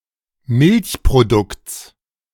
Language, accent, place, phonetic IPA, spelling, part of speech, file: German, Germany, Berlin, [ˈmɪlçpʁoˌdʊkt͡s], Milchprodukts, noun, De-Milchprodukts.ogg
- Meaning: genitive singular of Milchprodukt